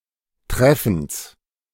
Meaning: genitive singular of Treffen
- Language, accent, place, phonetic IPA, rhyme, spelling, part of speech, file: German, Germany, Berlin, [ˈtʁɛfn̩s], -ɛfn̩s, Treffens, noun, De-Treffens.ogg